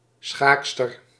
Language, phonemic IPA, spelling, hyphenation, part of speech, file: Dutch, /ˈsxaːk.stər/, schaakster, schaak‧ster, noun, Nl-schaakster.ogg
- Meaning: female chess player